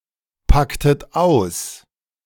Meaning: inflection of auspacken: 1. second-person plural preterite 2. second-person plural subjunctive II
- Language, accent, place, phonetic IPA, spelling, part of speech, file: German, Germany, Berlin, [ˌpaktət ˈaʊ̯s], packtet aus, verb, De-packtet aus.ogg